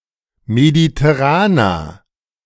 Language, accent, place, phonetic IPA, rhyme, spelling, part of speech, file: German, Germany, Berlin, [meditɛˈʁaːnɐ], -aːnɐ, mediterraner, adjective, De-mediterraner.ogg
- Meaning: inflection of mediterran: 1. strong/mixed nominative masculine singular 2. strong genitive/dative feminine singular 3. strong genitive plural